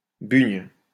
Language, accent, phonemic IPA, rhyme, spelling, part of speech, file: French, France, /byɲ/, -yɲ, bugne, noun, LL-Q150 (fra)-bugne.wav
- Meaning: beignet (sweet fritter) typical of the area of Lyon, France